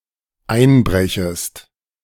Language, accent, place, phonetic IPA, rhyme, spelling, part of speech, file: German, Germany, Berlin, [ˈaɪ̯nˌbʁɛçəst], -aɪ̯nbʁɛçəst, einbrechest, verb, De-einbrechest.ogg
- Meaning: second-person singular dependent subjunctive I of einbrechen